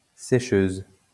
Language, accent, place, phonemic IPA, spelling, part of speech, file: French, France, Lyon, /se.ʃøz/, sécheuse, noun, LL-Q150 (fra)-sécheuse.wav
- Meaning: dryer (laundry appliance)